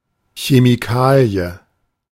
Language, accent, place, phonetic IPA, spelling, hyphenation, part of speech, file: German, Germany, Berlin, [çemiˈkaːli̯ə], Chemikalie, Che‧mi‧ka‧lie, noun, De-Chemikalie.ogg
- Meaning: chemical (chemical substance) produced industrially or in a laboratory